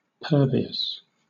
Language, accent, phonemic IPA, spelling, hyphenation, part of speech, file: English, Southern England, /ˈpɜː.vɪ.əs/, pervious, per‧vi‧ous, adjective, LL-Q1860 (eng)-pervious.wav
- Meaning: 1. Often followed by to: capable of being penetrated by another body or substance, such as air or water; admitting passage 2. Capable of being seen through; open to being examined; patent, unconcealed